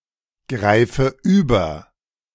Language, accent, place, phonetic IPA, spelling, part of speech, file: German, Germany, Berlin, [ˌɡʁaɪ̯fə ˈyːbɐ], greife über, verb, De-greife über.ogg
- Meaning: inflection of übergreifen: 1. first-person singular present 2. first/third-person singular subjunctive I 3. singular imperative